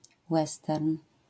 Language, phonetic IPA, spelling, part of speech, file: Polish, [ˈwɛstɛrn], western, noun, LL-Q809 (pol)-western.wav